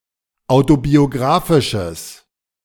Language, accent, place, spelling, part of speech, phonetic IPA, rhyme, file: German, Germany, Berlin, autobiographisches, adjective, [ˌaʊ̯tobioˈɡʁaːfɪʃəs], -aːfɪʃəs, De-autobiographisches.ogg
- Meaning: strong/mixed nominative/accusative neuter singular of autobiographisch